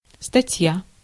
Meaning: 1. article 2. item, entry 3. matter, business
- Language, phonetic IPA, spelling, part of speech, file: Russian, [stɐˈtʲja], статья, noun, Ru-статья.ogg